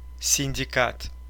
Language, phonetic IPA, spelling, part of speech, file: Russian, [sʲɪnʲdʲɪˈkat], синдикат, noun, Ru-синдикат.ogg
- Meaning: syndicate, combine